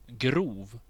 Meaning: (adjective) 1. coarse; composed of relatively large particles or pieces 2. coarse; composed of relatively large particles or pieces: coarsely 3. coarse; lacking refinement
- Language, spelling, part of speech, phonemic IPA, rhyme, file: Swedish, grov, adjective / verb, /ɡruːv/, -uːv, Sv-grov.ogg